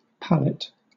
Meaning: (noun) 1. A bed of loose straw 2. Any makeshift bedding place 3. A portable platform, usually designed to be easily moved by a forklift, on which goods can be stacked, for transport or storage
- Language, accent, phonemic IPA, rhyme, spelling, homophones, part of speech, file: English, Southern England, /ˈpælɪt/, -ælɪt, pallet, palate / palette / pallette, noun / verb, LL-Q1860 (eng)-pallet.wav